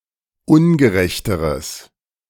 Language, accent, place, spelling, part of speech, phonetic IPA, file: German, Germany, Berlin, ungerechteres, adjective, [ˈʊnɡəˌʁɛçtəʁəs], De-ungerechteres.ogg
- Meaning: strong/mixed nominative/accusative neuter singular comparative degree of ungerecht